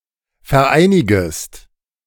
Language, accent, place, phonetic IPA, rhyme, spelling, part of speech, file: German, Germany, Berlin, [fɛɐ̯ˈʔaɪ̯nɪɡəst], -aɪ̯nɪɡəst, vereinigest, verb, De-vereinigest.ogg
- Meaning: second-person singular subjunctive I of vereinigen